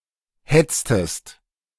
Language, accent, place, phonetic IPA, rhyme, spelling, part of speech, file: German, Germany, Berlin, [ˈhɛt͡stəst], -ɛt͡stəst, hetztest, verb, De-hetztest.ogg
- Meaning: inflection of hetzen: 1. second-person singular preterite 2. second-person singular subjunctive II